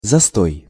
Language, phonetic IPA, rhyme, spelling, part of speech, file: Russian, [zɐˈstoj], -oj, застой, noun, Ru-застой.ogg
- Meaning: 1. stagnation, standstill, deadlock 2. depression